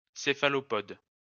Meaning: cephalopod
- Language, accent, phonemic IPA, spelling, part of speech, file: French, France, /se.fa.lɔ.pɔd/, céphalopode, noun, LL-Q150 (fra)-céphalopode.wav